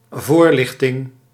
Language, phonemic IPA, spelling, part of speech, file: Dutch, /ˈvoːr.lɪx.tɪŋ/, voorlichting, noun, Nl-voorlichting.ogg
- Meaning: explanation, clarification, clearing up